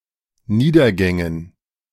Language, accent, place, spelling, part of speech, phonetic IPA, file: German, Germany, Berlin, Niedergängen, noun, [ˈniːdɐˌɡɛŋən], De-Niedergängen.ogg
- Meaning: dative plural of Niedergang